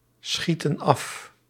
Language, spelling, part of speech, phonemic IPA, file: Dutch, schieten af, verb, /ˈsxitə(n) ˈɑf/, Nl-schieten af.ogg
- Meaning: inflection of afschieten: 1. plural present indicative 2. plural present subjunctive